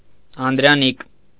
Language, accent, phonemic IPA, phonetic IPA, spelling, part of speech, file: Armenian, Eastern Armenian, /ɑndɾɑˈnik/, [ɑndɾɑník], անդրանիկ, noun / adjective, Hy-անդրանիկ.ogg
- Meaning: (noun) 1. firstborn 2. only child, child without siblings; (adjective) 1. having no siblings 2. first